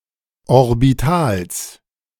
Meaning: genitive singular of Orbital
- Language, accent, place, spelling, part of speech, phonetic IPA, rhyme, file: German, Germany, Berlin, Orbitals, noun, [ɔʁbiˈtaːls], -aːls, De-Orbitals.ogg